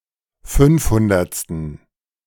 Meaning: inflection of fünfhundertste: 1. strong genitive masculine/neuter singular 2. weak/mixed genitive/dative all-gender singular 3. strong/weak/mixed accusative masculine singular 4. strong dative plural
- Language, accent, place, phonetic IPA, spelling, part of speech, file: German, Germany, Berlin, [ˈfʏnfˌhʊndɐt͡stn̩], fünfhundertsten, adjective, De-fünfhundertsten.ogg